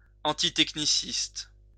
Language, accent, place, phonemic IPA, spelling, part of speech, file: French, France, Lyon, /ɑ̃.ti.tɛk.ni.sist/, antitechniciste, adjective, LL-Q150 (fra)-antitechniciste.wav
- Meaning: antitechnology